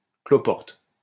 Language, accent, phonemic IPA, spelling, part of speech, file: French, France, /klɔ.pɔʁt/, cloporte, noun, LL-Q150 (fra)-cloporte.wav
- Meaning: 1. woodlouse 2. porter, concierge 3. worthless person, vermin; creep 4. hermit